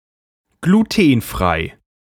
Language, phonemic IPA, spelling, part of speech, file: German, /ɡluˈteːnˌfʁaɪ̯/, glutenfrei, adjective, De-glutenfrei.ogg
- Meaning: gluten-free (containing no gluten)